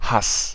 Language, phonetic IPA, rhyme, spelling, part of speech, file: German, [has], -as, Hass, noun, De-Hass.ogg
- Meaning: hatred, hate